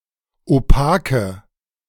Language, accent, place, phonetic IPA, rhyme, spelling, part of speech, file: German, Germany, Berlin, [oˈpaːkə], -aːkə, opake, adjective, De-opake.ogg
- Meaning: inflection of opak: 1. strong/mixed nominative/accusative feminine singular 2. strong nominative/accusative plural 3. weak nominative all-gender singular 4. weak accusative feminine/neuter singular